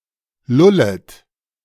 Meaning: second-person plural subjunctive I of lullen
- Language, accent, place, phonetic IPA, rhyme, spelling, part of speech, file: German, Germany, Berlin, [ˈlʊlət], -ʊlət, lullet, verb, De-lullet.ogg